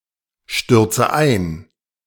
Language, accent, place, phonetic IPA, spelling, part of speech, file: German, Germany, Berlin, [ˌʃtʏʁt͡sə ˈaɪ̯n], stürze ein, verb, De-stürze ein.ogg
- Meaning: inflection of einstürzen: 1. first-person singular present 2. first/third-person singular subjunctive I 3. singular imperative